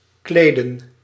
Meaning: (verb) 1. to dress 2. to fit someone, to suit someone (of a piece of clothing); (noun) plural of kleed
- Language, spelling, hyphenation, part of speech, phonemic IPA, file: Dutch, kleden, kle‧den, verb / noun, /ˈkleːdə(n)/, Nl-kleden.ogg